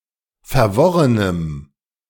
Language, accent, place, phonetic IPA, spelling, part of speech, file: German, Germany, Berlin, [fɛɐ̯ˈvɔʁənəm], verworrenem, adjective, De-verworrenem.ogg
- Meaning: strong dative masculine/neuter singular of verworren